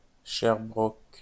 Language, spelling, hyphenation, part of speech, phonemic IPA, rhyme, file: French, Sherbrooke, Sher‧brooke, proper noun, /ʃɛʁ.bʁuk/, -uk, LL-Q150 (fra)-Sherbrooke.wav
- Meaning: Sherbrooke (a city and regional county municipality of Quebec, Canada)